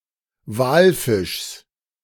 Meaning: genitive of Walfisch
- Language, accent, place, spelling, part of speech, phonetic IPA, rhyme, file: German, Germany, Berlin, Walfischs, noun, [ˈvaːlˌfɪʃs], -aːlfɪʃs, De-Walfischs.ogg